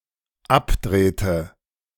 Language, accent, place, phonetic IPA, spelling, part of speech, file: German, Germany, Berlin, [ˈapˌdʁeːtə], abdrehte, verb, De-abdrehte.ogg
- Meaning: inflection of abdrehen: 1. first/third-person singular dependent preterite 2. first/third-person singular dependent subjunctive II